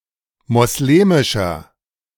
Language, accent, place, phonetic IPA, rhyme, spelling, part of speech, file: German, Germany, Berlin, [mɔsˈleːmɪʃɐ], -eːmɪʃɐ, moslemischer, adjective, De-moslemischer.ogg
- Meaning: inflection of moslemisch: 1. strong/mixed nominative masculine singular 2. strong genitive/dative feminine singular 3. strong genitive plural